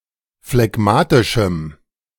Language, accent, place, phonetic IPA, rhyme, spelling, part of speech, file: German, Germany, Berlin, [flɛˈɡmaːtɪʃm̩], -aːtɪʃm̩, phlegmatischem, adjective, De-phlegmatischem.ogg
- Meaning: strong dative masculine/neuter singular of phlegmatisch